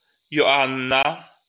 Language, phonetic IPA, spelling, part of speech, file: Polish, [jɔˈãnːa], Joanna, proper noun, LL-Q809 (pol)-Joanna.wav